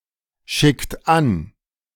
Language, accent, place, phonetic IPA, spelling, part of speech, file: German, Germany, Berlin, [ˌʃɪkt ˈan], schickt an, verb, De-schickt an.ogg
- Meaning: inflection of anschicken: 1. second-person plural present 2. third-person singular present 3. plural imperative